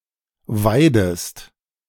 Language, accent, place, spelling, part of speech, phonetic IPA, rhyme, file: German, Germany, Berlin, weidest, verb, [ˈvaɪ̯dəst], -aɪ̯dəst, De-weidest.ogg
- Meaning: inflection of weiden: 1. second-person singular present 2. second-person singular subjunctive I